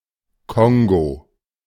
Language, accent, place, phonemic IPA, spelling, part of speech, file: German, Germany, Berlin, /ˈkɔŋɡo/, Kongo, proper noun, De-Kongo.ogg
- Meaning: Democratic Republic of the Congo (a country in Central Africa, larger and to the east of the Republic of the Congo)